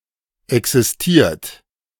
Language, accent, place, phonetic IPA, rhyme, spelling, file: German, Germany, Berlin, [ɛksɪsˈtiːɐ̯t], -iːɐ̯t, existiert, De-existiert.ogg
- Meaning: 1. past participle of existieren 2. inflection of existieren: third-person singular present 3. inflection of existieren: second-person plural present 4. inflection of existieren: plural imperative